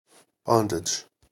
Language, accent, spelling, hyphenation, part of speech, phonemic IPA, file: English, US, bondage, bond‧age, noun, /ˈbɑn.dɪd͡ʒ/, En-us-bondage.ogg
- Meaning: 1. The state of being enslaved or the practice of slavery 2. The state of lacking freedom; constraint